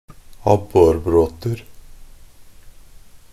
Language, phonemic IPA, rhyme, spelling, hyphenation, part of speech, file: Norwegian Bokmål, /ˈabːɔrbroːtər/, -ər, abborbråter, ab‧bor‧bråt‧er, noun, Nb-abborbråter.ogg
- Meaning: indefinite plural of abborbråte